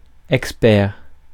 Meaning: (adjective) expert
- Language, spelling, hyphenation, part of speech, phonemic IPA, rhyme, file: French, expert, ex‧pert, adjective / noun, /ɛk.spɛʁ/, -ɛʁ, Fr-expert.ogg